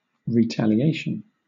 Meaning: Violent or otherwise punitive response to an act of harm or perceived injustice; a hitting back; revenge
- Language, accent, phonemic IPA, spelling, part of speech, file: English, Southern England, /ɹiˌtæl.iˈeɪ.ʃən/, retaliation, noun, LL-Q1860 (eng)-retaliation.wav